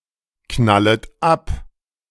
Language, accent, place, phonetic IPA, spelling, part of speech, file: German, Germany, Berlin, [ˌknalət ˈap], knallet ab, verb, De-knallet ab.ogg
- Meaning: second-person plural subjunctive I of abknallen